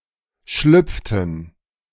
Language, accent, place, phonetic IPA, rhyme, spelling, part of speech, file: German, Germany, Berlin, [ˈʃlʏp͡ftn̩], -ʏp͡ftn̩, schlüpften, verb, De-schlüpften.ogg
- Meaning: inflection of schlüpfen: 1. first/third-person plural preterite 2. first/third-person plural subjunctive II